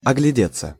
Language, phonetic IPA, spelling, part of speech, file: Russian, [ɐɡlʲɪˈdʲet͡sːə], оглядеться, verb, Ru-оглядеться.ogg
- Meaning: 1. to look round; to have a look around 2. passive of огляде́ть (ogljadétʹ)